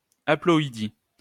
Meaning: haploidy
- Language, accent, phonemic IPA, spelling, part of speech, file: French, France, /a.plɔ.i.di/, haploïdie, noun, LL-Q150 (fra)-haploïdie.wav